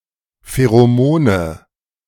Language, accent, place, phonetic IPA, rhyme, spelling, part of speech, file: German, Germany, Berlin, [feʁoˈmoːnə], -oːnə, Pheromone, noun, De-Pheromone.ogg
- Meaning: nominative/accusative/genitive plural of Pheromon